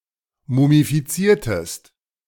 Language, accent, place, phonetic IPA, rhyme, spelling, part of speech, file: German, Germany, Berlin, [mumifiˈt͡siːɐ̯təst], -iːɐ̯təst, mumifiziertest, verb, De-mumifiziertest.ogg
- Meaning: inflection of mumifizieren: 1. second-person singular preterite 2. second-person singular subjunctive II